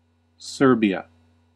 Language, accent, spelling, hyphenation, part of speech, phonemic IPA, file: English, US, Serbia, Ser‧bi‧a, proper noun, /ˈsɝ.bi.ə/, En-us-Serbia.ogg